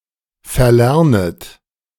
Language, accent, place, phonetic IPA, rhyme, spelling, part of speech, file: German, Germany, Berlin, [fɛɐ̯ˈlɛʁnət], -ɛʁnət, verlernet, verb, De-verlernet.ogg
- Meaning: second-person plural subjunctive I of verlernen